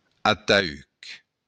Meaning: coffin, casket
- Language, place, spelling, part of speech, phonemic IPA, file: Occitan, Béarn, ataüc, noun, /ataˈyk/, LL-Q14185 (oci)-ataüc.wav